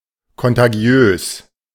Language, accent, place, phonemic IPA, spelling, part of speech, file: German, Germany, Berlin, /kɔntaˈɡi̯øːs/, kontagiös, adjective, De-kontagiös.ogg
- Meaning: contagious